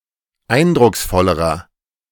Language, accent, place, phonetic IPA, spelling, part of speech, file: German, Germany, Berlin, [ˈaɪ̯ndʁʊksˌfɔləʁɐ], eindrucksvollerer, adjective, De-eindrucksvollerer.ogg
- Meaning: inflection of eindrucksvoll: 1. strong/mixed nominative masculine singular comparative degree 2. strong genitive/dative feminine singular comparative degree